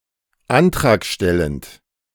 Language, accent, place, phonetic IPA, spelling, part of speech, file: German, Germany, Berlin, [ˈantʁaːkˌʃtɛlənt], antragstellend, adjective, De-antragstellend.ogg
- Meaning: applicant